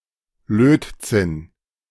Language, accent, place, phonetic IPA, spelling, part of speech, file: German, Germany, Berlin, [ˈløːtˌt͡sɪn], Lötzinn, noun, De-Lötzinn.ogg
- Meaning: tin solder